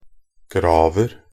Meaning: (noun) 1. a digger, gravedigger 2. indefinite plural of grav 3. indefinite plural of grave; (verb) 1. present tense of grave 2. imperative of gravere
- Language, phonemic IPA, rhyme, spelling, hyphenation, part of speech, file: Norwegian Bokmål, /ˈɡrɑːʋər/, -ɑːʋər, graver, grav‧er, noun / verb, Nb-graver.ogg